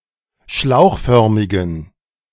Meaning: inflection of schlauchförmig: 1. strong genitive masculine/neuter singular 2. weak/mixed genitive/dative all-gender singular 3. strong/weak/mixed accusative masculine singular 4. strong dative plural
- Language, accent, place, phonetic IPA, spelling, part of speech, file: German, Germany, Berlin, [ˈʃlaʊ̯xˌfœʁmɪɡn̩], schlauchförmigen, adjective, De-schlauchförmigen.ogg